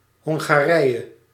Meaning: Hungary (a country in Central Europe)
- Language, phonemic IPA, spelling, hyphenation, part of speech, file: Dutch, /ˌɦɔŋ.ɣaːˈrɛi̯.(j)ə/, Hongarije, Hon‧ga‧rije, proper noun, Nl-Hongarije.ogg